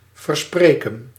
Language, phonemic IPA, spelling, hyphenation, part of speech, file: Dutch, /ˌvərˈspreː.kə(n)/, verspreken, ver‧spre‧ken, verb, Nl-verspreken.ogg
- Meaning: 1. to misspeak 2. to promise, to agree to 3. to criticise, to excoriate